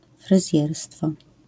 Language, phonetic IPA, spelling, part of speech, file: Polish, [frɨˈzʲjɛrstfɔ], fryzjerstwo, noun, LL-Q809 (pol)-fryzjerstwo.wav